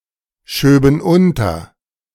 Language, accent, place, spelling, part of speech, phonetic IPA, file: German, Germany, Berlin, schöben unter, verb, [ˌʃøːbn̩ ˈʊntɐ], De-schöben unter.ogg
- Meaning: first-person plural subjunctive II of unterschieben